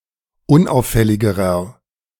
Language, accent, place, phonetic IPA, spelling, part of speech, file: German, Germany, Berlin, [ˈʊnˌʔaʊ̯fɛlɪɡəʁɐ], unauffälligerer, adjective, De-unauffälligerer.ogg
- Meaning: inflection of unauffällig: 1. strong/mixed nominative masculine singular comparative degree 2. strong genitive/dative feminine singular comparative degree 3. strong genitive plural comparative degree